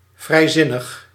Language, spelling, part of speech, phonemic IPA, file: Dutch, vrijzinnig, adjective, /vrɛiˈzɪnəx/, Nl-vrijzinnig.ogg
- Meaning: 1. liberal 2. liberal: irreligious, freethinking